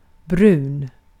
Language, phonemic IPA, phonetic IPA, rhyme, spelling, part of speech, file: Swedish, /¹brʉːn/, [¹brʉ̟ːn̪], -ʉːn, brun, adjective, Sv-brun.ogg
- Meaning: 1. brown (color/colour) 2. of fascism or right-wing nationalism